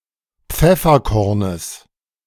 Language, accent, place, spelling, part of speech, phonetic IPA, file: German, Germany, Berlin, Pfefferkornes, noun, [ˈp͡fɛfɐˌkɔʁnəs], De-Pfefferkornes.ogg
- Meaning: genitive of Pfefferkorn